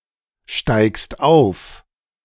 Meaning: second-person singular present of aufsteigen
- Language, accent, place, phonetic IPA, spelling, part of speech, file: German, Germany, Berlin, [ˌʃtaɪ̯kst ˈaʊ̯f], steigst auf, verb, De-steigst auf.ogg